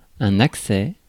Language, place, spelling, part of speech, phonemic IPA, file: French, Paris, accès, noun, /ak.sɛ/, Fr-accès.ogg
- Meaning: 1. access 2. attack, sudden fit, bout